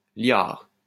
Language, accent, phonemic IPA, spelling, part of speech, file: French, France, /ljaʁ/, liard, noun, LL-Q150 (fra)-liard.wav
- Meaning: 1. liard (a small bronze coin, equivalent to a quarter of a sou) 2. a trifling amount, a red cent, a pittance 3. cottonwood